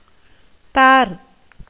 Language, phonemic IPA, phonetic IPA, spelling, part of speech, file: Tamil, /t̪ɑːɾ/, [t̪äːɾ], தார், noun, Ta-தார்.ogg
- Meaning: 1. tar 2. garland, wreath 3. flower, blossom 4. chain 5. orderliness